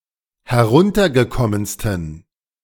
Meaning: 1. superlative degree of heruntergekommen 2. inflection of heruntergekommen: strong genitive masculine/neuter singular superlative degree
- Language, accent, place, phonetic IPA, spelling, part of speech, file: German, Germany, Berlin, [hɛˈʁʊntɐɡəˌkɔmənstn̩], heruntergekommensten, adjective, De-heruntergekommensten.ogg